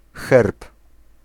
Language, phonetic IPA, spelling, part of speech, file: Polish, [xɛrp], herb, noun, Pl-herb.ogg